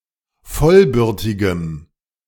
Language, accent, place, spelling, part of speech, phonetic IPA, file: German, Germany, Berlin, vollbürtigem, adjective, [ˈfɔlˌbʏʁtɪɡəm], De-vollbürtigem.ogg
- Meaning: strong dative masculine/neuter singular of vollbürtig